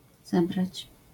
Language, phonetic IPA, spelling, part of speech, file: Polish, [ˈzɛbrat͡ɕ], zebrać, verb, LL-Q809 (pol)-zebrać.wav